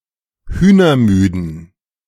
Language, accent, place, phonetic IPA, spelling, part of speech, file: German, Germany, Berlin, [ˈhyːnɐˌmyːdn̩], hühnermüden, adjective, De-hühnermüden.ogg
- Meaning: inflection of hühnermüde: 1. strong genitive masculine/neuter singular 2. weak/mixed genitive/dative all-gender singular 3. strong/weak/mixed accusative masculine singular 4. strong dative plural